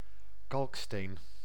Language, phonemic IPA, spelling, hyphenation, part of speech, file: Dutch, /ˈkɑlᵊkˌsten/, kalksteen, kalk‧steen, noun, Nl-kalksteen.ogg
- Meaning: 1. limestone 2. limestone (piece)